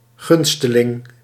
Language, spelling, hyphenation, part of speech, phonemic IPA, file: Dutch, gunsteling, gun‧ste‧ling, noun, /ˈɣʏn.stəˌlɪŋ/, Nl-gunsteling.ogg
- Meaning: beneficiary (someone who receives a favour or benefits)